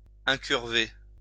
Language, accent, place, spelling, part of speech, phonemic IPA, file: French, France, Lyon, incurver, verb, /ɛ̃.kyʁ.ve/, LL-Q150 (fra)-incurver.wav
- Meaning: to bend into a curve